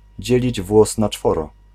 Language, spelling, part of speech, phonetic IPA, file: Polish, dzielić włos na czworo, phrase, [ˈd͡ʑɛlʲid͡ʑ ˈvwɔs na‿ˈt͡ʃfɔrɔ], Pl-dzielić włos na czworo.ogg